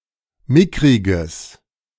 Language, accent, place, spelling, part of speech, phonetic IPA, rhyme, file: German, Germany, Berlin, mickriges, adjective, [ˈmɪkʁɪɡəs], -ɪkʁɪɡəs, De-mickriges.ogg
- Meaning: strong/mixed nominative/accusative neuter singular of mickrig